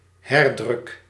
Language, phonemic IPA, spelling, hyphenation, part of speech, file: Dutch, /ˈɦɛr.drʏk/, herdruk, her‧druk, noun, Nl-herdruk.ogg
- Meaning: reprint (printed edition identical to an earlier edition)